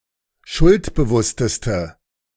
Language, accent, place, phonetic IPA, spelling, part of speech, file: German, Germany, Berlin, [ˈʃʊltbəˌvʊstəstə], schuldbewussteste, adjective, De-schuldbewussteste.ogg
- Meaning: inflection of schuldbewusst: 1. strong/mixed nominative/accusative feminine singular superlative degree 2. strong nominative/accusative plural superlative degree